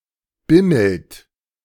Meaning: inflection of bimmeln: 1. second-person plural present 2. third-person singular present 3. plural imperative
- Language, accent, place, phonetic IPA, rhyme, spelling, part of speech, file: German, Germany, Berlin, [ˈbɪml̩t], -ɪml̩t, bimmelt, verb, De-bimmelt.ogg